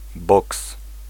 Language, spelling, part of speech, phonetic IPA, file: Polish, boks, noun, [bɔks], Pl-boks.ogg